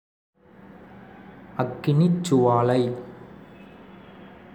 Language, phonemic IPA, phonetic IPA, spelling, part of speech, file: Tamil, /ɐkːɪnɪtʃtʃʊʋɑːlɐɪ̯/, [ɐkːɪnɪssʊʋäːlɐɪ̯], அக்கினிச்சுவாலை, noun, Ta-அக்கினிச்சுவாலை.ogg
- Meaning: flame of fire